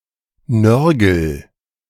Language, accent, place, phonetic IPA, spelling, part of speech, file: German, Germany, Berlin, [ˈnœʁɡl̩], nörgel, verb, De-nörgel.ogg
- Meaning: inflection of nörgeln: 1. first-person singular present 2. singular imperative